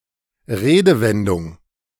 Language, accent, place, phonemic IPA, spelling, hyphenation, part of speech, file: German, Germany, Berlin, /ˈʁeːdəˌvɛndʊŋ/, Redewendung, Re‧de‧wen‧dung, noun, De-Redewendung.ogg
- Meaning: expression, figure of speech, idiom, phrase, turn of phrase